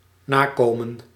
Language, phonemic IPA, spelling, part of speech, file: Dutch, /ˈnakomə(n)/, nakomen, verb, Nl-nakomen.ogg
- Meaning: to fulfill (one's promise), to carry out (an obligation)